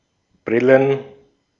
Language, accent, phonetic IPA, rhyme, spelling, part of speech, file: German, Austria, [ˈbʁɪlən], -ɪlən, Brillen, noun, De-at-Brillen.ogg
- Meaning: plural of Brille